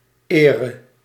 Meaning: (noun) dative singular of eer; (verb) singular present subjunctive of eren
- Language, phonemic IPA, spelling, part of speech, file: Dutch, /ˈerə/, ere, noun / verb, Nl-ere.ogg